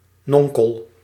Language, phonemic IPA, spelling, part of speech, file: Dutch, /ˈnɔŋkəɫ/, nonkel, noun, Nl-nonkel.ogg
- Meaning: uncle (brother of someone’s father or mother)